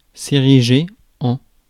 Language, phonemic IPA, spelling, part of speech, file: French, /e.ʁi.ʒe/, ériger, verb, Fr-ériger.ogg
- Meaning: to erect